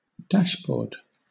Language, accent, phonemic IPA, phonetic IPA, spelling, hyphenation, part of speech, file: English, Southern England, /ˈdæʃˌbɔːd/, [ˈdæʃˌbɔːd], dashboard, dash‧board, noun / verb, LL-Q1860 (eng)-dashboard.wav